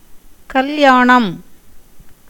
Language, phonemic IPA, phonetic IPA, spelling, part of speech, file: Tamil, /kɐljɑːɳɐm/, [kɐljäːɳɐm], கல்யாணம், noun, Ta-கல்யாணம்.ogg
- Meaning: marriage, wedding